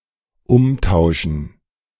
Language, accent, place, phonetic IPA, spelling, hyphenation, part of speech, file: German, Germany, Berlin, [ˈʊmˌtaʊ̯ʃn̩], Umtauschen, Um‧tau‧schen, noun, De-Umtauschen.ogg
- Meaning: gerund of umtauschen